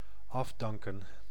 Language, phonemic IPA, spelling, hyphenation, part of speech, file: Dutch, /ˈɑfˌdɑŋ.kə(n)/, afdanken, af‧dan‧ken, verb, Nl-afdanken.ogg
- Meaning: 1. to discard, to reject, to throw away 2. to fire (to terminate the employment of)